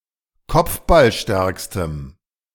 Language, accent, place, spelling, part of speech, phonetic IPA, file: German, Germany, Berlin, kopfballstärkstem, adjective, [ˈkɔp͡fbalˌʃtɛʁkstəm], De-kopfballstärkstem.ogg
- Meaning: strong dative masculine/neuter singular superlative degree of kopfballstark